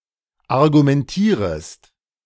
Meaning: second-person singular subjunctive I of argumentieren
- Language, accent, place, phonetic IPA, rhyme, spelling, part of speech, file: German, Germany, Berlin, [aʁɡumɛnˈtiːʁəst], -iːʁəst, argumentierest, verb, De-argumentierest.ogg